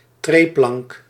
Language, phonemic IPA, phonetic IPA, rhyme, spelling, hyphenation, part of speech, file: Dutch, /trɛɪ.plɑnk/, [tʁeɪ.plɑnk], -ɑnk, treeplank, tree‧plank, noun, Nl-treeplank.ogg
- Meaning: running board (step under the car door)